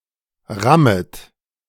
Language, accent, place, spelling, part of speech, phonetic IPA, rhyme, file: German, Germany, Berlin, rammet, verb, [ˈʁamət], -amət, De-rammet.ogg
- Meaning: second-person plural subjunctive I of rammen